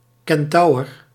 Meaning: alternative spelling of centaur
- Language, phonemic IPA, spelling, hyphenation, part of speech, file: Dutch, /ˈkɛnˌtɑu̯ər/, kentaur, ken‧taur, noun, Nl-kentaur.ogg